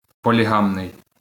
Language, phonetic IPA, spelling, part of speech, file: Ukrainian, [pɔlʲiˈɦamnei̯], полігамний, adjective, LL-Q8798 (ukr)-полігамний.wav
- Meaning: polygamous